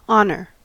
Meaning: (noun) Recognition of importance or value; respect; veneration (of someone, usually for being morally upright or successful)
- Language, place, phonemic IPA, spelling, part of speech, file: English, California, /ˈɑ.nɚ/, honor, noun / verb / interjection, En-us-honor.ogg